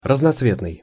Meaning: multicolored, motley
- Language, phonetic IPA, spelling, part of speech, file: Russian, [rəznɐt͡sˈvʲetnɨj], разноцветный, adjective, Ru-разноцветный.ogg